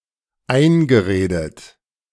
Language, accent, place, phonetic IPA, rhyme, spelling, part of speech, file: German, Germany, Berlin, [ˈaɪ̯nɡəˌʁeːdət], -aɪ̯nɡəʁeːdət, eingeredet, verb, De-eingeredet.ogg
- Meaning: past participle of einreden